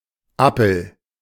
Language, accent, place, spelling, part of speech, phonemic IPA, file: German, Germany, Berlin, Appel, noun, /ˈapl̩/, De-Appel.ogg
- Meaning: alternative form of Apfel (“apple”)